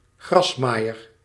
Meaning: lawnmower
- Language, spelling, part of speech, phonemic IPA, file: Dutch, grasmaaier, noun, /ɣrɑsmajər/, Nl-grasmaaier.ogg